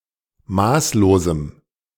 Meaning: strong dative masculine/neuter singular of maßlos
- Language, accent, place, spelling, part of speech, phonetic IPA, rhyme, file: German, Germany, Berlin, maßlosem, adjective, [ˈmaːsloːzm̩], -aːsloːzm̩, De-maßlosem.ogg